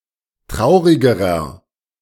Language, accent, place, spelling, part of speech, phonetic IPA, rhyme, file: German, Germany, Berlin, traurigerer, adjective, [ˈtʁaʊ̯ʁɪɡəʁɐ], -aʊ̯ʁɪɡəʁɐ, De-traurigerer.ogg
- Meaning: inflection of traurig: 1. strong/mixed nominative masculine singular comparative degree 2. strong genitive/dative feminine singular comparative degree 3. strong genitive plural comparative degree